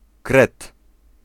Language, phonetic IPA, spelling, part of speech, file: Polish, [krɛt], kret, noun, Pl-kret.ogg